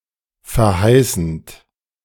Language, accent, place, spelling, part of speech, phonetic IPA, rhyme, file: German, Germany, Berlin, verheißend, verb, [fɛɐ̯ˈhaɪ̯sn̩t], -aɪ̯sn̩t, De-verheißend.ogg
- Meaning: present participle of verheißen